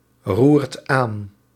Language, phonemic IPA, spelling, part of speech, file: Dutch, /ˈrurt ˈan/, roert aan, verb, Nl-roert aan.ogg
- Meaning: inflection of aanroeren: 1. second/third-person singular present indicative 2. plural imperative